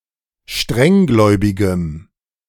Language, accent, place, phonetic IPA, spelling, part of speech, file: German, Germany, Berlin, [ˈʃtʁɛŋˌɡlɔɪ̯bɪɡəm], strenggläubigem, adjective, De-strenggläubigem.ogg
- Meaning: strong dative masculine/neuter singular of strenggläubig